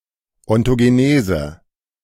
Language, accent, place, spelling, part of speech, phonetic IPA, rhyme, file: German, Germany, Berlin, Ontogenese, noun, [ɔntoɡeˈneːzə], -eːzə, De-Ontogenese.ogg
- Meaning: ontogenesis